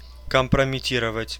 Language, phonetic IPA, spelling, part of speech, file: Russian, [kəmprəmʲɪˈtʲirəvətʲ], компрометировать, verb, Ru-компрометировать.ogg
- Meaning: to compromise